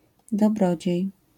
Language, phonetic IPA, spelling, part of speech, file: Polish, [dɔˈbrɔd͡ʑɛ̇j], dobrodziej, noun, LL-Q809 (pol)-dobrodziej.wav